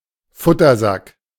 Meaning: nosebag
- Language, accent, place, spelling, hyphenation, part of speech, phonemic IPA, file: German, Germany, Berlin, Futtersack, Fut‧ter‧sack, noun, /ˈfʊtɐzak/, De-Futtersack.ogg